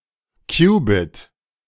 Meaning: qubit (basic unit of quantum information)
- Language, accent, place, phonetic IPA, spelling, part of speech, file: German, Germany, Berlin, [ˈkjuːˌbɪt], Qubit, noun, De-Qubit.ogg